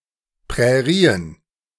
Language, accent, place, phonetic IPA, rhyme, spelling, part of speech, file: German, Germany, Berlin, [pʁɛˈʁiːən], -iːən, Prärien, noun, De-Prärien.ogg
- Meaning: plural of Prärie